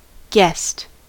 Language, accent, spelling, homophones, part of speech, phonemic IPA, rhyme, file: English, US, guest, guessed, noun / verb, /ɡɛst/, -ɛst, En-us-guest.ogg
- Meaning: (noun) 1. A recipient of hospitality, especially someone staying by invitation at the house of another 2. A patron or customer in a hotel etc